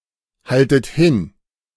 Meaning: inflection of hinhalten: 1. second-person plural present 2. second-person plural subjunctive I 3. plural imperative
- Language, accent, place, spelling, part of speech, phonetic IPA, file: German, Germany, Berlin, haltet hin, verb, [ˌhaltət ˈhɪn], De-haltet hin.ogg